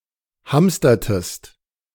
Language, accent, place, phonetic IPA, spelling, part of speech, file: German, Germany, Berlin, [ˈhamstɐtəst], hamstertest, verb, De-hamstertest.ogg
- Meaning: inflection of hamstern: 1. second-person singular preterite 2. second-person singular subjunctive II